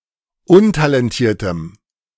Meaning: strong dative masculine/neuter singular of untalentiert
- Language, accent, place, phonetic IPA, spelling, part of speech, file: German, Germany, Berlin, [ˈʊntalɛnˌtiːɐ̯təm], untalentiertem, adjective, De-untalentiertem.ogg